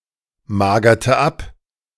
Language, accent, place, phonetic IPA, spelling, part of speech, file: German, Germany, Berlin, [ˌmaːɡɐtə ˈap], magerte ab, verb, De-magerte ab.ogg
- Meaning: inflection of abmagern: 1. first/third-person singular preterite 2. first/third-person singular subjunctive II